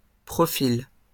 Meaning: profile
- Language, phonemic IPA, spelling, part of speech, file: French, /pʁɔ.fil/, profil, noun, LL-Q150 (fra)-profil.wav